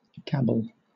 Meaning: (verb) 1. To talk fast, idly, foolishly, or without meaning 2. To utter inarticulate sounds with rapidity; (noun) Confused or unintelligible speech
- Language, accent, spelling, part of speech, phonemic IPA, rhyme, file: English, Southern England, gabble, verb / noun, /ˈɡæbəl/, -æbəl, LL-Q1860 (eng)-gabble.wav